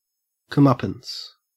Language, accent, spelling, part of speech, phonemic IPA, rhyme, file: English, Australia, comeuppance, noun, /kʌmˈʌpəns/, -ʌpəns, En-au-comeuppance.ogg
- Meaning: Retribution or outcome that is justly deserved